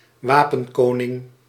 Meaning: a king of arms
- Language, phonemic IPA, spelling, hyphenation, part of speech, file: Dutch, /ˈʋaː.pə(n)ˌkoː.nɪŋ/, wapenkoning, wa‧pen‧ko‧ning, noun, Nl-wapenkoning.ogg